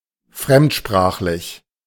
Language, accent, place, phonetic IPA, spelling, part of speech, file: German, Germany, Berlin, [ˈfʁɛmtˌʃpʁaːxlɪç], fremdsprachlich, adjective, De-fremdsprachlich.ogg
- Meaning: foreign-language